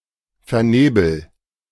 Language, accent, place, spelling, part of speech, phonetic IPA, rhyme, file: German, Germany, Berlin, vernebel, verb, [fɛɐ̯ˈneːbl̩], -eːbl̩, De-vernebel.ogg
- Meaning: inflection of vernebeln: 1. first-person singular present 2. singular imperative